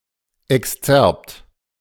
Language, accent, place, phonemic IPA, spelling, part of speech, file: German, Germany, Berlin, /ɛksˈt͡sɛʁpt/, Exzerpt, noun, De-Exzerpt.ogg
- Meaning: excerpt